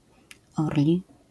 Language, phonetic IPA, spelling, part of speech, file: Polish, [ˈɔrlʲi], orli, adjective, LL-Q809 (pol)-orli.wav